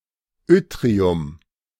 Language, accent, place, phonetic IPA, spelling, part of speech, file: German, Germany, Berlin, [ˈʏtʁiʊm], Yttrium, noun, De-Yttrium.ogg
- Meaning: yttrium